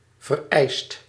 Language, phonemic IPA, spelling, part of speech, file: Dutch, /vərˈɛist/, vereist, verb / adjective, Nl-vereist.ogg
- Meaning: 1. inflection of vereisen: second/third-person singular present indicative 2. inflection of vereisen: plural imperative 3. past participle of vereisen